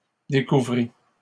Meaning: third-person singular imperfect subjunctive of découvrir
- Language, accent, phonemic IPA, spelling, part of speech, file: French, Canada, /de.ku.vʁi/, découvrît, verb, LL-Q150 (fra)-découvrît.wav